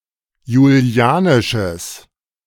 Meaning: strong/mixed nominative/accusative neuter singular of julianisch
- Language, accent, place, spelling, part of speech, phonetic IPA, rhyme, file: German, Germany, Berlin, julianisches, adjective, [juˈli̯aːnɪʃəs], -aːnɪʃəs, De-julianisches.ogg